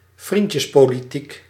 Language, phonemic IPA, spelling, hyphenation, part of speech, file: Dutch, /ˈvrin.tjəs.poː.liˌtik/, vriendjespolitiek, vriend‧jes‧po‧li‧tiek, noun, Nl-vriendjespolitiek.ogg
- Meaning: cronyism, political and/or economical favouritism, including nepotism